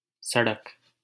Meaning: road
- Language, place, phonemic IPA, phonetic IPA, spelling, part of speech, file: Hindi, Delhi, /sə.ɽək/, [sɐ.ɽɐk], सड़क, noun, LL-Q1568 (hin)-सड़क.wav